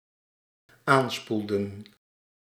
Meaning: inflection of aanspoelen: 1. plural dependent-clause past indicative 2. plural dependent-clause past subjunctive
- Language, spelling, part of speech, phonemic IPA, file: Dutch, aanspoelden, verb, /ˈanspuldə(n)/, Nl-aanspoelden.ogg